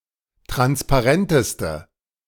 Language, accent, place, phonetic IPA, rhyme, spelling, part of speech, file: German, Germany, Berlin, [ˌtʁanspaˈʁɛntəstə], -ɛntəstə, transparenteste, adjective, De-transparenteste.ogg
- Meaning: inflection of transparent: 1. strong/mixed nominative/accusative feminine singular superlative degree 2. strong nominative/accusative plural superlative degree